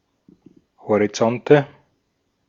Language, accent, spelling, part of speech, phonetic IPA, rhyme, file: German, Austria, Horizonte, noun, [hoʁiˈt͡sɔntə], -ɔntə, De-at-Horizonte.ogg
- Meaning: nominative/accusative/genitive plural of Horizont